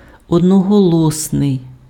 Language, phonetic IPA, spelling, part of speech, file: Ukrainian, [ɔdnɔɦɔˈɫɔsnei̯], одноголосний, adjective, Uk-одноголосний.ogg
- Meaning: unanimous